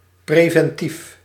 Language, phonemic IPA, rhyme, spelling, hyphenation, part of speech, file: Dutch, /ˌpreː.vɛnˈtif/, -if, preventief, pre‧ven‧tief, adjective, Nl-preventief.ogg
- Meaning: preventive, preventing, preemptive